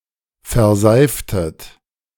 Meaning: inflection of verseifen: 1. second-person plural preterite 2. second-person plural subjunctive II
- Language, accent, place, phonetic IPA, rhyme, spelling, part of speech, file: German, Germany, Berlin, [fɛɐ̯ˈzaɪ̯ftət], -aɪ̯ftət, verseiftet, verb, De-verseiftet.ogg